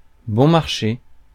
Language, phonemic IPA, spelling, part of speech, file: French, /bɔ̃ maʁ.ʃe/, bon marché, adjective, Fr-bon marché.ogg
- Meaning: cheap, inexpensive